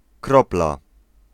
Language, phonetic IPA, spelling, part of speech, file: Polish, [ˈkrɔpla], kropla, noun, Pl-kropla.ogg